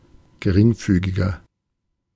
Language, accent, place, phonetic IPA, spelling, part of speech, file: German, Germany, Berlin, [ɡəˈʁɪŋˌfyːɡɪɡɐ], geringfügiger, adjective, De-geringfügiger.ogg
- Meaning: inflection of geringfügig: 1. strong/mixed nominative masculine singular 2. strong genitive/dative feminine singular 3. strong genitive plural